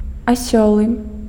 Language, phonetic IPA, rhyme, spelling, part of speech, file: Belarusian, [aˈsʲeɫɨ], -eɫɨ, аселы, adjective, Be-аселы.ogg
- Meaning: sedentary